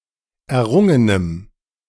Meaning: strong dative masculine/neuter singular of errungen
- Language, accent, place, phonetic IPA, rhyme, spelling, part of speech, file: German, Germany, Berlin, [ɛɐ̯ˈʁʊŋənəm], -ʊŋənəm, errungenem, adjective, De-errungenem.ogg